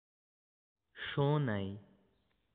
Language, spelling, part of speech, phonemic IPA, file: Pashto, شونی, adjective, /ʃoˈnai/, شونی.ogg
- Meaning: possible